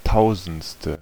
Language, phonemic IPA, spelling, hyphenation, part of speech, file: German, /ˈtaʊ̯zn̩t͡stə/, tausendste, tau‧sends‧te, adjective, De-tausendste.ogg
- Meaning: thousandth